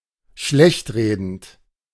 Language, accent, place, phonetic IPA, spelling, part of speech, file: German, Germany, Berlin, [ˈʃlɛçtˌʁeːdn̩t], schlechtredend, verb, De-schlechtredend.ogg
- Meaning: present participle of schlechtreden